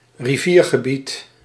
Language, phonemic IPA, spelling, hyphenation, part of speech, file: Dutch, /riˈviːr.ɣəˌbit/, riviergebied, ri‧vier‧ge‧bied, noun, Nl-riviergebied.ogg
- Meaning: alternative form of rivierengebied